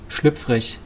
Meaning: 1. slippery, slick, greasy, slimy 2. slippery, tricky, unstable, changeable 3. risqué, salacious, scabrous
- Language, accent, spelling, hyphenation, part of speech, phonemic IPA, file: German, Germany, schlüpfrig, schlüpf‧rig, adjective, /ˈʃlʏpf.ʁɪç/, De-schlüpfrig.wav